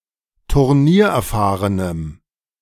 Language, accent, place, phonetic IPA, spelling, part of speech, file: German, Germany, Berlin, [tʊʁˈniːɐ̯ʔɛɐ̯ˌfaːʁənəm], turniererfahrenem, adjective, De-turniererfahrenem.ogg
- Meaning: strong dative masculine/neuter singular of turniererfahren